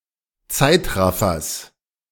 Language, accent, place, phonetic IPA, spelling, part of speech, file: German, Germany, Berlin, [ˈt͡saɪ̯tˌʁafɐs], Zeitraffers, noun, De-Zeitraffers.ogg
- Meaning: genitive singular of Zeitraffer